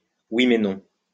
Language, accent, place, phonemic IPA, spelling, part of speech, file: French, France, Lyon, /wi.me.nɔ̃/, ouiménon, adverb, LL-Q150 (fra)-ouiménon.wav
- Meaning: kinda